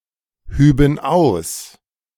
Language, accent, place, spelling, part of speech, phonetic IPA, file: German, Germany, Berlin, hüben aus, verb, [ˌhyːbn̩ ˈaʊ̯s], De-hüben aus.ogg
- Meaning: first/third-person plural subjunctive II of ausheben